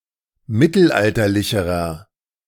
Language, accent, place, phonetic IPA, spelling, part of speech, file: German, Germany, Berlin, [ˈmɪtl̩ˌʔaltɐlɪçəʁɐ], mittelalterlicherer, adjective, De-mittelalterlicherer.ogg
- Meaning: inflection of mittelalterlich: 1. strong/mixed nominative masculine singular comparative degree 2. strong genitive/dative feminine singular comparative degree